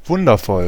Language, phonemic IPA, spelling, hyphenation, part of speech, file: German, /ˈvʊndɐfɔl/, wundervoll, wun‧der‧voll, adjective, De-wundervoll.ogg
- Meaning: wonderful